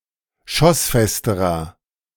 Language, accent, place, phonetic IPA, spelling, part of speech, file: German, Germany, Berlin, [ˈʃɔsˌfɛstəʁɐ], schossfesterer, adjective, De-schossfesterer.ogg
- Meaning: inflection of schossfest: 1. strong/mixed nominative masculine singular comparative degree 2. strong genitive/dative feminine singular comparative degree 3. strong genitive plural comparative degree